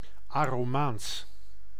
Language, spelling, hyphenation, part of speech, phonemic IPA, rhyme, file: Dutch, Aromaans, Aro‧maans, proper noun, /ˌaː.roːˈmaːns/, -aːns, Nl-Aromaans.ogg
- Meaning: Aromanian (language)